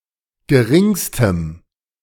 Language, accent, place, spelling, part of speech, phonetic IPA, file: German, Germany, Berlin, geringstem, adjective, [ɡəˈʁɪŋstəm], De-geringstem.ogg
- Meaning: strong dative masculine/neuter singular superlative degree of gering